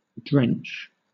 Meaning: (noun) A dose or draught of liquid medicine (especially one causing sleepiness) taken by a person; specifically, a (large) dose, or one forced or poured down the throat
- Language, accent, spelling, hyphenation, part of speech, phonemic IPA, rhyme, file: English, Southern England, drench, drench, noun / verb, /dɹɛnt͡ʃ/, -ɛntʃ, LL-Q1860 (eng)-drench.wav